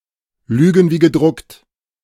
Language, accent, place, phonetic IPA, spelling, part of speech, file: German, Germany, Berlin, [ˈlyːɡn̩ viː ɡəˈdʁʊkt], lügen wie gedruckt, phrase, De-lügen wie gedruckt.ogg
- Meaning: to lie through one's teeth, to lie with abandon